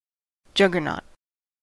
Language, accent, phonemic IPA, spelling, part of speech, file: English, US, /ˈd͡ʒʌɡ.ɚ.nɔt/, juggernaut, noun, En-us-juggernaut.ogg
- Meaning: 1. A literal or metaphorical force or object regarded as unstoppable, that will crush all in its path 2. A large, cumbersome truck or lorry, especially an articulated lorry